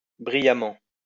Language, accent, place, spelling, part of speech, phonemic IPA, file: French, France, Lyon, brillamment, adverb, /bʁi.ja.mɑ̃/, LL-Q150 (fra)-brillamment.wav
- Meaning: 1. brilliantly, superbly 2. shiningly